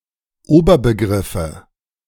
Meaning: nominative/accusative/genitive plural of Oberbegriff
- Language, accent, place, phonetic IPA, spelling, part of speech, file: German, Germany, Berlin, [ˈoːbɐbəˌɡʁɪfə], Oberbegriffe, noun, De-Oberbegriffe.ogg